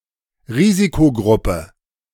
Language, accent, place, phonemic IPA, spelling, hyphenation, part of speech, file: German, Germany, Berlin, /ˈʁiːzikoˌɡʁʊpə/, Risikogruppe, Ri‧si‧ko‧grup‧pe, noun, De-Risikogruppe.ogg
- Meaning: at-risk group